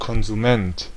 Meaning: consumer
- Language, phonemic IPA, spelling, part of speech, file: German, /kɔnzuˈmɛnt/, Konsument, noun, De-Konsument.ogg